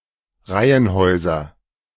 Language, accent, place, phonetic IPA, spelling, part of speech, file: German, Germany, Berlin, [ˈʁaɪ̯ənˌhɔɪ̯zɐ], Reihenhäuser, noun, De-Reihenhäuser.ogg
- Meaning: nominative/accusative/genitive plural of Reihenhaus